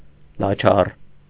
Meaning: 1. shameless, impudent 2. quarrelsome, shrewish
- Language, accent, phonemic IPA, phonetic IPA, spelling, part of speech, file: Armenian, Eastern Armenian, /lɑˈt͡ʃʰɑr/, [lɑt͡ʃʰɑ́r], լաչառ, adjective, Hy-լաչառ.ogg